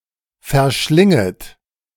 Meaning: second-person plural subjunctive I of verschlingen
- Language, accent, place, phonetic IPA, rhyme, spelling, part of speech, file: German, Germany, Berlin, [fɛɐ̯ˈʃlɪŋət], -ɪŋət, verschlinget, verb, De-verschlinget.ogg